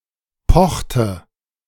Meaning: inflection of pochen: 1. first/third-person singular preterite 2. first/third-person singular subjunctive II
- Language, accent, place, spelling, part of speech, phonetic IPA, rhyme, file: German, Germany, Berlin, pochte, verb, [ˈpɔxtə], -ɔxtə, De-pochte.ogg